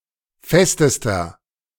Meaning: inflection of fest: 1. strong/mixed nominative masculine singular superlative degree 2. strong genitive/dative feminine singular superlative degree 3. strong genitive plural superlative degree
- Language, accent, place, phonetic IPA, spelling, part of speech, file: German, Germany, Berlin, [ˈfɛstəstɐ], festester, adjective, De-festester.ogg